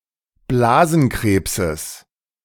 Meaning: genitive singular of Blasenkrebs
- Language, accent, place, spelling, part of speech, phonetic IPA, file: German, Germany, Berlin, Blasenkrebses, noun, [ˈblaːzn̩ˌkʁeːpsəs], De-Blasenkrebses.ogg